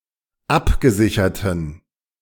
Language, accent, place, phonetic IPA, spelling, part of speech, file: German, Germany, Berlin, [ˈapɡəˌzɪçɐtn̩], abgesicherten, adjective, De-abgesicherten.ogg
- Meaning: inflection of abgesichert: 1. strong genitive masculine/neuter singular 2. weak/mixed genitive/dative all-gender singular 3. strong/weak/mixed accusative masculine singular 4. strong dative plural